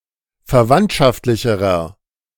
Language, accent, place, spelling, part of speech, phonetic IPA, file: German, Germany, Berlin, verwandtschaftlicherer, adjective, [fɛɐ̯ˈvantʃaftlɪçəʁɐ], De-verwandtschaftlicherer.ogg
- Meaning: inflection of verwandtschaftlich: 1. strong/mixed nominative masculine singular comparative degree 2. strong genitive/dative feminine singular comparative degree